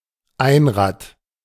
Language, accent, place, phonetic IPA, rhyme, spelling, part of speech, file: German, Germany, Berlin, [ˈaɪ̯nˌʁaːt], -aɪ̯nʁaːt, Einrad, noun, De-Einrad.ogg
- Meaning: unicycle